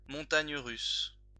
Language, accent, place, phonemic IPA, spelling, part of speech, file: French, France, Lyon, /mɔ̃.taɲ ʁys/, montagnes russes, noun, LL-Q150 (fra)-montagnes russes.wav
- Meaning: 1. rollercoaster (amusement ride) 2. rollercoaster (any situation in which there are ups and downs or violent changes; hectic situation)